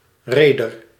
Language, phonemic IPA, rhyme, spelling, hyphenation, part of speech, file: Dutch, /ˈreː.dər/, -eːdər, reder, re‧der, noun, Nl-reder.ogg
- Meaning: shipowner, executive of a shipping business